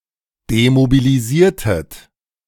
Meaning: inflection of demobilisieren: 1. second-person plural preterite 2. second-person plural subjunctive II
- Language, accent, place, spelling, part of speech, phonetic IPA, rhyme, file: German, Germany, Berlin, demobilisiertet, verb, [demobiliˈziːɐ̯tət], -iːɐ̯tət, De-demobilisiertet.ogg